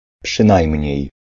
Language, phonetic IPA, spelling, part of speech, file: Polish, [pʃɨ̃ˈnajmʲɲɛ̇j], przynajmniej, particle, Pl-przynajmniej.ogg